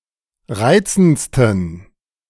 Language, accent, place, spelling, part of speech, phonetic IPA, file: German, Germany, Berlin, reizendsten, adjective, [ˈʁaɪ̯t͡sn̩t͡stən], De-reizendsten.ogg
- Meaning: 1. superlative degree of reizend 2. inflection of reizend: strong genitive masculine/neuter singular superlative degree